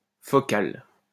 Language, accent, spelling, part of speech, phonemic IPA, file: French, France, focale, adjective, /fɔ.kal/, LL-Q150 (fra)-focale.wav
- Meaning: feminine singular of focal